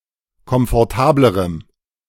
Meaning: strong dative masculine/neuter singular comparative degree of komfortabel
- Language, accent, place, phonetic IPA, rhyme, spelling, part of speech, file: German, Germany, Berlin, [kɔmfɔʁˈtaːbləʁəm], -aːbləʁəm, komfortablerem, adjective, De-komfortablerem.ogg